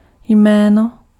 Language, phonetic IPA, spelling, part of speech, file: Czech, [ˈjmɛːno], jméno, noun, Cs-jméno.ogg
- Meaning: 1. name 2. a nominal, more commonly a noun or adjective, but also a pronoun or a numeral